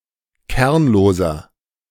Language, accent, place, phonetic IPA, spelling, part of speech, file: German, Germany, Berlin, [ˈkɛʁnloːzɐ], kernloser, adjective, De-kernloser.ogg
- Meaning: inflection of kernlos: 1. strong/mixed nominative masculine singular 2. strong genitive/dative feminine singular 3. strong genitive plural